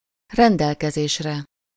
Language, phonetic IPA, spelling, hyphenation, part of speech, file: Hungarian, [ˈrɛndɛlkɛzeːʃrɛ], rendelkezésre, ren‧del‧ke‧zés‧re, noun, Hu-rendelkezésre.ogg
- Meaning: sublative singular of rendelkezés